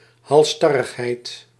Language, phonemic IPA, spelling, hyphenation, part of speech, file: Dutch, /ˌɦɑlˈstɑ.rəx.ɦɛi̯t/, halsstarrigheid, hals‧star‧rig‧heid, noun, Nl-halsstarrigheid.ogg
- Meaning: stubbornness, obstinacy